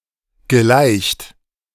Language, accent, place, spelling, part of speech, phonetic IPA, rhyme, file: German, Germany, Berlin, gelaicht, verb, [ɡəˈlaɪ̯çt], -aɪ̯çt, De-gelaicht.ogg
- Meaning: past participle of laichen